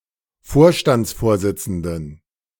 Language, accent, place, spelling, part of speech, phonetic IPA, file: German, Germany, Berlin, Vorstandsvorsitzenden, noun, [ˈfoːɐ̯ʃtant͡sˌfoːɐ̯zɪt͡sn̩dən], De-Vorstandsvorsitzenden.ogg
- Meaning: dative plural of Vorstandsvorsitzender